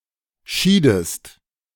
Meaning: inflection of scheiden: 1. second-person singular preterite 2. second-person singular subjunctive II
- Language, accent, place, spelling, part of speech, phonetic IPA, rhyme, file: German, Germany, Berlin, schiedest, verb, [ˈʃiːdəst], -iːdəst, De-schiedest.ogg